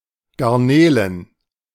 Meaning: plural of Garnele
- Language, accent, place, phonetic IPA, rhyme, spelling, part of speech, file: German, Germany, Berlin, [ɡaʁˈneːlən], -eːlən, Garnelen, noun, De-Garnelen.ogg